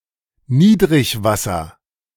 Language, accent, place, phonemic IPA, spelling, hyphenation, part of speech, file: German, Germany, Berlin, /ˈniːdʁɪçˌvasɐ/, Niedrigwasser, Nied‧rig‧was‧ser, noun, De-Niedrigwasser.ogg
- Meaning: 1. low water level 2. low tide